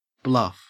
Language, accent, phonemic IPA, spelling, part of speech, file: English, Australia, /blɐf/, bluff, noun / verb / adjective, En-au-bluff.ogg
- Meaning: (noun) An act of bluffing; a false expression of the strength of one’s position in order to intimidate or deceive; braggadocio